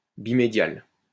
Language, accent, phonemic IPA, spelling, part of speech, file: French, France, /bi.me.djal/, bimédial, adjective, LL-Q150 (fra)-bimédial.wav
- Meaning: bimedial